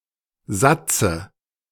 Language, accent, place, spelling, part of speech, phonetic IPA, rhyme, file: German, Germany, Berlin, Satze, noun, [ˈzat͡sə], -at͡sə, De-Satze.ogg
- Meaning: dative of Satz